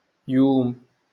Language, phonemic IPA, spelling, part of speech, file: Moroccan Arabic, /juːm/, يوم, noun, LL-Q56426 (ary)-يوم.wav
- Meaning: 1. day 2. time, era, age